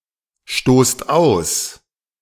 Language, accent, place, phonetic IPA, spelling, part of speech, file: German, Germany, Berlin, [ˌʃtoːst ˈaʊ̯s], stoßt aus, verb, De-stoßt aus.ogg
- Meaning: inflection of ausstoßen: 1. second-person plural present 2. plural imperative